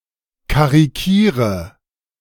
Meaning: inflection of karikieren: 1. first-person singular present 2. singular imperative 3. first/third-person singular subjunctive I
- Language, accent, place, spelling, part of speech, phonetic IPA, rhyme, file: German, Germany, Berlin, karikiere, verb, [kaʁiˈkiːʁə], -iːʁə, De-karikiere.ogg